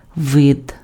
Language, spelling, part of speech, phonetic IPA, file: Ukrainian, вид, noun, [ʋɪd], Uk-вид.ogg
- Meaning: 1. kind, sort 2. species 3. aspect 4. face 5. appearance, look, view 6. landscape